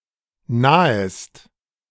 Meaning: second-person singular subjunctive I of nahen
- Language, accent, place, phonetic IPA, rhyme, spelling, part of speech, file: German, Germany, Berlin, [ˈnaːəst], -aːəst, nahest, verb, De-nahest.ogg